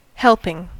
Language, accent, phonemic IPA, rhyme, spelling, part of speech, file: English, US, /ˈhɛlpɪŋ/, -ɛlpɪŋ, helping, noun / verb, En-us-helping.ogg
- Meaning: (noun) 1. The act of giving aid or assistance (to) 2. A portion or serving, especially of food that one takes for oneself, or to which one helps oneself 3. An amount or quantity